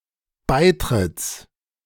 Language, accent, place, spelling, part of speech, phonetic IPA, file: German, Germany, Berlin, Beitritts, noun, [ˈbaɪ̯ˌtʁɪt͡s], De-Beitritts.ogg
- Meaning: genitive singular of Beitritt